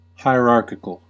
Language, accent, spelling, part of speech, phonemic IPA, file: English, US, hierarchical, adjective, /ˌhaɪˈɹɑɹkɪkəl/, En-us-hierarchical.ogg
- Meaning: 1. Pertaining to a hierarchy (a ranking) 2. Classified or arranged according to various criteria into successive ranks or grades